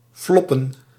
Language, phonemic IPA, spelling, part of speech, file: Dutch, /ˈflɔpə(n)/, floppen, verb / noun, Nl-floppen.ogg
- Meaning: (verb) to flop, to fail; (noun) plural of flop